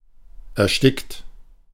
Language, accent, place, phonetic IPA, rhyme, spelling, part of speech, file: German, Germany, Berlin, [ɛɐ̯ˈʃtɪkt], -ɪkt, erstickt, verb, De-erstickt.ogg
- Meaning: 1. past participle of ersticken 2. inflection of ersticken: third-person singular present 3. inflection of ersticken: second-person plural present 4. inflection of ersticken: plural imperative